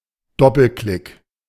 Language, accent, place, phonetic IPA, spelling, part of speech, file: German, Germany, Berlin, [ˈdɔpl̩ˌklɪk], Doppelklick, noun, De-Doppelklick.ogg
- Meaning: double-click